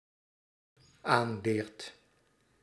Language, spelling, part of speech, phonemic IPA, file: Dutch, aanleert, verb, /ˈanlert/, Nl-aanleert.ogg
- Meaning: second/third-person singular dependent-clause present indicative of aanleren